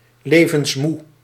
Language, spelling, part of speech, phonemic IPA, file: Dutch, levensmoe, adjective, /ˈleː.və(n)sˌmu/, Nl-levensmoe.ogg
- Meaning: tired of life, world-weary